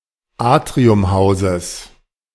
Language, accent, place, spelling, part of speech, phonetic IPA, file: German, Germany, Berlin, Atriumhauses, noun, [ˈaːtʁiʊmˌhaʊ̯ses], De-Atriumhauses.ogg
- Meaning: genitive singular of Atriumhaus